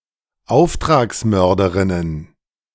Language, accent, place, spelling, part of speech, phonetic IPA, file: German, Germany, Berlin, Auftragsmörderinnen, noun, [ˈaʊ̯ftʁaːksˌmœʁdəʁɪnən], De-Auftragsmörderinnen.ogg
- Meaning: plural of Auftragsmörderin